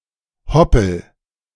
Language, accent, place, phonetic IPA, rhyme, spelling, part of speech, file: German, Germany, Berlin, [ˈhɔpl̩], -ɔpl̩, hoppel, verb, De-hoppel.ogg
- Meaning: inflection of hoppeln: 1. first-person singular present 2. singular imperative